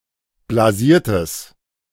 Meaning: strong/mixed nominative/accusative neuter singular of blasiert
- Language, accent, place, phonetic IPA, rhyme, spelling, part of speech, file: German, Germany, Berlin, [blaˈziːɐ̯təs], -iːɐ̯təs, blasiertes, adjective, De-blasiertes.ogg